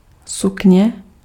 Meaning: 1. skirt 2. locative singular of sukno
- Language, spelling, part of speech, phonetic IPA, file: Czech, sukně, noun, [ˈsukɲɛ], Cs-sukně.ogg